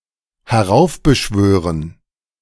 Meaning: 1. to provoke (an event) 2. to conjure up
- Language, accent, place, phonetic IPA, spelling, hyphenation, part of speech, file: German, Germany, Berlin, [hɛˈʁaʊ̯fbəˌʃvøːʁən], heraufbeschwören, he‧r‧auf‧be‧schwö‧ren, verb, De-heraufbeschwören.ogg